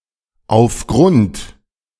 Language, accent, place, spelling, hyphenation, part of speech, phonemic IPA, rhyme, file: German, Germany, Berlin, aufgrund, auf‧grund, preposition, /a͡ʊfˈɡrʊnt/, -ʊnt, De-aufgrund.ogg
- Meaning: due to, because of, as a result of, by reason of, on account of